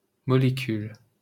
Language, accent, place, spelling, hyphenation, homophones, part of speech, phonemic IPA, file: French, France, Paris, molécule, mo‧lé‧cule, molécules, noun, /mɔ.le.kyl/, LL-Q150 (fra)-molécule.wav
- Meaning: 1. molecule 2. molecule (tiny amount)